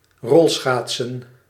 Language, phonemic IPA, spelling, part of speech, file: Dutch, /ˈrɔlsxatsə(n)/, rolschaatsen, verb / noun, Nl-rolschaatsen.ogg
- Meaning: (verb) to roller-skate; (noun) plural of rolschaats